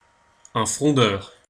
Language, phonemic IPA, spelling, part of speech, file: French, /fʁɔ̃.dœʁ/, frondeur, noun / adjective, Fr-frondeur.ogg
- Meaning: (noun) 1. slinger (someone who slings or who uses a sling) 2. member of the Fronde (civil war in France, 1648–1653) 3. political rebel; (adjective) politically disapproving, malcontent